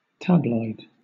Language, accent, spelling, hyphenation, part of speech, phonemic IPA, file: English, Southern England, tabloid, tabl‧oid, noun / adjective / verb, /ˈtæblɔɪd/, LL-Q1860 (eng)-tabloid.wav
- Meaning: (noun) A small, compressed portion of a chemical, drug, food substance, etc.; a pill, a tablet